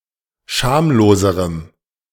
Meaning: strong dative masculine/neuter singular comparative degree of schamlos
- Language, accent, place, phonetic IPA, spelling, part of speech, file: German, Germany, Berlin, [ˈʃaːmloːzəʁəm], schamloserem, adjective, De-schamloserem.ogg